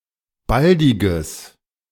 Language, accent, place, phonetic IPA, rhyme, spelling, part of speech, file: German, Germany, Berlin, [ˈbaldɪɡəs], -aldɪɡəs, baldiges, adjective, De-baldiges.ogg
- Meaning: strong/mixed nominative/accusative neuter singular of baldig